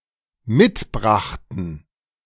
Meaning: first/third-person plural dependent preterite of mitbringen
- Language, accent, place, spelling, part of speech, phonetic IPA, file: German, Germany, Berlin, mitbrachten, verb, [ˈmɪtˌbʁaxtn̩], De-mitbrachten.ogg